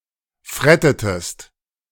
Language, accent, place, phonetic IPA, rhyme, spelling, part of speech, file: German, Germany, Berlin, [ˈfʁɛtətəst], -ɛtətəst, frettetest, verb, De-frettetest.ogg
- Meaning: inflection of fretten: 1. second-person singular preterite 2. second-person singular subjunctive II